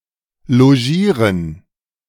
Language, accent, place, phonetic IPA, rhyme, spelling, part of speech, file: German, Germany, Berlin, [loˈʒiːʁən], -iːʁən, logieren, verb, De-logieren.ogg
- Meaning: to lodge